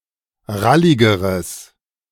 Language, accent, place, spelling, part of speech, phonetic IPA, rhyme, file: German, Germany, Berlin, ralligeres, adjective, [ˈʁalɪɡəʁəs], -alɪɡəʁəs, De-ralligeres.ogg
- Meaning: strong/mixed nominative/accusative neuter singular comparative degree of rallig